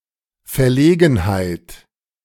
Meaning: 1. embarrassment 2. an uninvited, but not necessarily embarrassing, situation
- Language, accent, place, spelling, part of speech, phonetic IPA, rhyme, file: German, Germany, Berlin, Verlegenheit, noun, [fɛɐ̯ˈleːɡn̩haɪ̯t], -eːɡn̩haɪ̯t, De-Verlegenheit.ogg